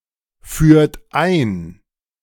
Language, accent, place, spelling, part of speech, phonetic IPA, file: German, Germany, Berlin, führt ein, verb, [ˌfyːɐ̯t ˈaɪ̯n], De-führt ein.ogg
- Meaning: inflection of einführen: 1. third-person singular present 2. second-person plural present 3. plural imperative